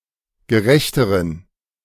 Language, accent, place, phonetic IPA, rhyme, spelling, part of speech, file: German, Germany, Berlin, [ɡəˈʁɛçtəʁən], -ɛçtəʁən, gerechteren, adjective, De-gerechteren.ogg
- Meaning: inflection of gerecht: 1. strong genitive masculine/neuter singular comparative degree 2. weak/mixed genitive/dative all-gender singular comparative degree